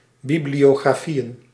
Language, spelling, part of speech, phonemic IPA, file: Dutch, bibliografieën, noun, /ˌbiblijoːɣraːˈfijə(n)/, Nl-bibliografieën.ogg
- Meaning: plural of bibliografie